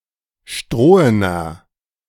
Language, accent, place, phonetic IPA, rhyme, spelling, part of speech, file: German, Germany, Berlin, [ˈʃtʁoːənɐ], -oːənɐ, strohener, adjective, De-strohener.ogg
- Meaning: inflection of strohen: 1. strong/mixed nominative masculine singular 2. strong genitive/dative feminine singular 3. strong genitive plural